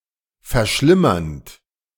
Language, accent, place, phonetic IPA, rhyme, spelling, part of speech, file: German, Germany, Berlin, [fɛɐ̯ˈʃlɪmɐnt], -ɪmɐnt, verschlimmernd, verb, De-verschlimmernd.ogg
- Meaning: present participle of verschlimmern